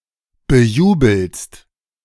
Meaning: second-person singular present of bejubeln
- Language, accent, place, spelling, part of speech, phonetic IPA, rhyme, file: German, Germany, Berlin, bejubelst, verb, [bəˈjuːbl̩st], -uːbl̩st, De-bejubelst.ogg